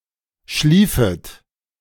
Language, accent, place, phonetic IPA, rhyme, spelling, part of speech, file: German, Germany, Berlin, [ˈʃliːfət], -iːfət, schliefet, verb, De-schliefet.ogg
- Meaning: 1. second-person plural subjunctive II of schlafen 2. second-person plural subjunctive I of schliefen